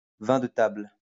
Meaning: table wine
- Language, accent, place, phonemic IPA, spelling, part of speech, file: French, France, Lyon, /vɛ̃ də tabl/, vin de table, noun, LL-Q150 (fra)-vin de table.wav